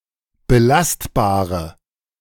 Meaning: inflection of belastbar: 1. strong/mixed nominative/accusative feminine singular 2. strong nominative/accusative plural 3. weak nominative all-gender singular
- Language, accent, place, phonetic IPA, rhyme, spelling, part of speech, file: German, Germany, Berlin, [bəˈlastbaːʁə], -astbaːʁə, belastbare, adjective, De-belastbare.ogg